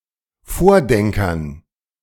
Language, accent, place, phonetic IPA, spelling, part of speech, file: German, Germany, Berlin, [ˈfoːɐ̯ˌdɛŋkɐn], Vordenkern, noun, De-Vordenkern.ogg
- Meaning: dative plural of Vordenker